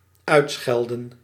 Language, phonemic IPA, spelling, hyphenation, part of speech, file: Dutch, /ˈœy̯tˌsxɛl.də(n)/, uitschelden, uit‧schel‧den, verb, Nl-uitschelden.ogg
- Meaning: to use offensive language to (someone or something); to insult, to abuse, to scold (someone or something)